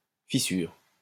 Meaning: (noun) fissure; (verb) inflection of fissurer: 1. first/third-person singular present indicative/subjunctive 2. second-person singular imperative
- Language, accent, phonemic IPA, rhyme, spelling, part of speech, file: French, France, /fi.syʁ/, -yʁ, fissure, noun / verb, LL-Q150 (fra)-fissure.wav